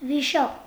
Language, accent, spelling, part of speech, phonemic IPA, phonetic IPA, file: Armenian, Eastern Armenian, վիշապ, noun, /viˈʃɑp/, [viʃɑ́p], Hy-վիշապ.ogg
- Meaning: vishap